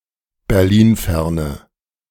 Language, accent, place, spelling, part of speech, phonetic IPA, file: German, Germany, Berlin, berlinferne, adjective, [bɛʁˈliːnˌfɛʁnə], De-berlinferne.ogg
- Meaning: inflection of berlinfern: 1. strong/mixed nominative/accusative feminine singular 2. strong nominative/accusative plural 3. weak nominative all-gender singular